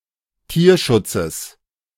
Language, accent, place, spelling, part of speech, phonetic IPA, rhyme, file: German, Germany, Berlin, Tierschutzes, noun, [ˈtiːɐ̯ˌʃʊt͡səs], -iːɐ̯ʃʊt͡səs, De-Tierschutzes.ogg
- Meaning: genitive singular of Tierschutz